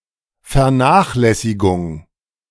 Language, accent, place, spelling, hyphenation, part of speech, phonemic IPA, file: German, Germany, Berlin, Vernachlässigung, Ver‧nach‧läs‧si‧gung, noun, /fɛʁˈnaːχlɛsiɡʊŋ/, De-Vernachlässigung.ogg
- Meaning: neglect